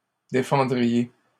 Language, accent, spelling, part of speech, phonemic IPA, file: French, Canada, défendriez, verb, /de.fɑ̃.dʁi.je/, LL-Q150 (fra)-défendriez.wav
- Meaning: second-person plural conditional of défendre